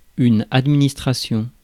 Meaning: management (administration; the process or practice of managing)
- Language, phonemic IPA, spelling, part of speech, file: French, /ad.mi.nis.tʁa.sjɔ̃/, administration, noun, Fr-administration.ogg